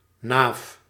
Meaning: hub, nave
- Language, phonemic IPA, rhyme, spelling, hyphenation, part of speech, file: Dutch, /naːf/, -aːf, naaf, naaf, noun, Nl-naaf.ogg